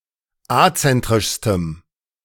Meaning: strong dative masculine/neuter singular superlative degree of azentrisch
- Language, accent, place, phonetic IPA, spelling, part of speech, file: German, Germany, Berlin, [ˈat͡sɛntʁɪʃstəm], azentrischstem, adjective, De-azentrischstem.ogg